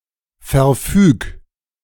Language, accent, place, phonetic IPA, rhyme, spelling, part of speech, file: German, Germany, Berlin, [fɛɐ̯ˈfyːk], -yːk, verfüg, verb, De-verfüg.ogg
- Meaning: 1. singular imperative of verfügen 2. first-person singular present of verfügen